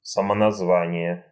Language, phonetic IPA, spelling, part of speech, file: Russian, [səmənɐzˈvanʲɪje], самоназвание, noun, Ru-самоназвание.ogg
- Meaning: autonym, endonym (a name used by a group or category of people to refer to themselves or their language)